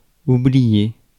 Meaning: 1. to forget 2. to leave something behind by accident
- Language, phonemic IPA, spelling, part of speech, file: French, /u.bli.je/, oublier, verb, Fr-oublier.ogg